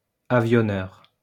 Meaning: airframer (airplane manufacturer)
- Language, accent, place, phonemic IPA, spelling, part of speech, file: French, France, Lyon, /a.vjɔ.nœʁ/, avionneur, noun, LL-Q150 (fra)-avionneur.wav